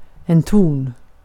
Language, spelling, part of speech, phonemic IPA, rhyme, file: Swedish, ton, noun, /ˈtuːn/, -uːn, Sv-ton.ogg
- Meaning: 1. a tone (sound of a particular frequency) 2. tone (interval) 3. tone (manner of speaking (or communicating more generally)) 4. tone, shade (of color)